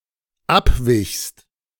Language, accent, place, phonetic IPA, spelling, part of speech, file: German, Germany, Berlin, [ˈapˌvɪçst], abwichst, verb, De-abwichst.ogg
- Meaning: second-person singular dependent preterite of abweichen